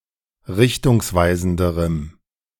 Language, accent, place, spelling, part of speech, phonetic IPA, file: German, Germany, Berlin, richtungsweisenderem, adjective, [ˈʁɪçtʊŋsˌvaɪ̯zn̩dəʁəm], De-richtungsweisenderem.ogg
- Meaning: strong dative masculine/neuter singular comparative degree of richtungsweisend